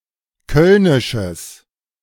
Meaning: strong/mixed nominative/accusative neuter singular of kölnisch
- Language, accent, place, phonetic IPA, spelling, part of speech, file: German, Germany, Berlin, [ˈkœlnɪʃəs], kölnisches, adjective, De-kölnisches.ogg